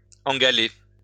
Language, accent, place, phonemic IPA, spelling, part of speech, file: French, France, Lyon, /ɑ̃.ɡa.le/, engaller, verb, LL-Q150 (fra)-engaller.wav
- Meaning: to dye black by passing through a decoction of gall